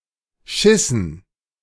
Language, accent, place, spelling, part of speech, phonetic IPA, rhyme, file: German, Germany, Berlin, schissen, verb, [ˈʃɪsn̩], -ɪsn̩, De-schissen.ogg
- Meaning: inflection of scheißen: 1. first/third-person plural preterite 2. first/third-person plural subjunctive II